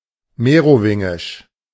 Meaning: Merovingian
- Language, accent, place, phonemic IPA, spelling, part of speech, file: German, Germany, Berlin, /ˈmeːʁoˌvɪŋɪʃ/, merowingisch, adjective, De-merowingisch.ogg